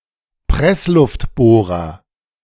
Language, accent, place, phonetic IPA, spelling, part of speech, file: German, Germany, Berlin, [ˈpʁɛslʊftˌboːʁɐ], Pressluftbohrer, noun, De-Pressluftbohrer.ogg
- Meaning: pneumatic drill